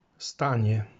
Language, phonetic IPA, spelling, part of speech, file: Polish, [ˈstãɲɛ], stanie, noun / verb, Pl-stanie.ogg